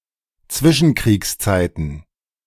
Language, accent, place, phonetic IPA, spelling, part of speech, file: German, Germany, Berlin, [ˈt͡svɪʃn̩kʁiːksˌt͡saɪ̯tn̩], Zwischenkriegszeiten, noun, De-Zwischenkriegszeiten.ogg
- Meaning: plural of Zwischenkriegszeit